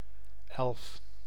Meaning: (numeral) eleven; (noun) 1. the number eleven, or a representation thereof 2. elf, brownie (small folkloric creature) 3. elf (humanoid pointy-eared creature in fantasy)
- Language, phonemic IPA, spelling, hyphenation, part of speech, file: Dutch, /ɛl(ə)f/, elf, elf, numeral / noun, Nl-elf.ogg